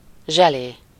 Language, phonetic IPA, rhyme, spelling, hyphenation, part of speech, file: Hungarian, [ˈʒɛleː], -leː, zselé, zse‧lé, noun, Hu-zselé.ogg
- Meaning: 1. jelly 2. gel (for cosmetic use)